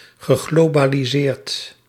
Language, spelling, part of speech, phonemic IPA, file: Dutch, geglobaliseerd, verb, /ɣəˌɣlobaliˈzert/, Nl-geglobaliseerd.ogg
- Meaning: past participle of globaliseren